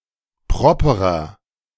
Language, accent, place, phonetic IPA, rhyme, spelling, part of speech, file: German, Germany, Berlin, [ˈpʁɔpəʁɐ], -ɔpəʁɐ, properer, adjective, De-properer.ogg
- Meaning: 1. comparative degree of proper 2. inflection of proper: strong/mixed nominative masculine singular 3. inflection of proper: strong genitive/dative feminine singular